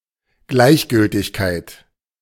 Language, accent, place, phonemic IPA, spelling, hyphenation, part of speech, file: German, Germany, Berlin, /ˈɡlaɪ̯çˌɡʏltɪçkaɪ̯t/, Gleichgültigkeit, Gleich‧gül‧tig‧keit, noun, De-Gleichgültigkeit.ogg
- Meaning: indifference